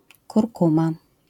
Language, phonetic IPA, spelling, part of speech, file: Polish, [kurˈkũma], kurkuma, noun, LL-Q809 (pol)-kurkuma.wav